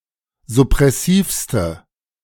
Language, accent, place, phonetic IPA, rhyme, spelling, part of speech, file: German, Germany, Berlin, [zʊpʁɛˈsiːfstə], -iːfstə, suppressivste, adjective, De-suppressivste.ogg
- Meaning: inflection of suppressiv: 1. strong/mixed nominative/accusative feminine singular superlative degree 2. strong nominative/accusative plural superlative degree